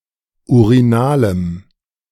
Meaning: strong dative masculine/neuter singular of urinal
- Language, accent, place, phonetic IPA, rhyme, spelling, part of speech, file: German, Germany, Berlin, [uʁiˈnaːləm], -aːləm, urinalem, adjective, De-urinalem.ogg